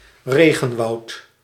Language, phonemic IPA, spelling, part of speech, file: Dutch, /ˈreː.ɣə(n).ʋɑu̯t/, regenwoud, noun, Nl-regenwoud.ogg
- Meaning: rainforest